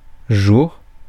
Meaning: plural of jour (“day”)
- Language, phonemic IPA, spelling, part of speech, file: French, /ʒuʁ/, jours, noun, Fr-jours.ogg